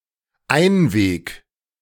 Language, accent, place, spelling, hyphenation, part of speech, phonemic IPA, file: German, Germany, Berlin, einweg-, ein‧weg-, prefix, /ˈaɪ̯nveːk/, De-einweg-.ogg
- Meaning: disposable